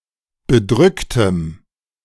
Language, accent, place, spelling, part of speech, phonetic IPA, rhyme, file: German, Germany, Berlin, bedrücktem, adjective, [bəˈdʁʏktəm], -ʏktəm, De-bedrücktem.ogg
- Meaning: strong dative masculine/neuter singular of bedrückt